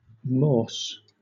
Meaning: 1. A clasp or fastening used to fasten a cope in the front, usually decorative 2. Synonym of walrus
- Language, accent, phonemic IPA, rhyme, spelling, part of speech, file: English, Southern England, /mɔːs/, -ɔːs, morse, noun, LL-Q1860 (eng)-morse.wav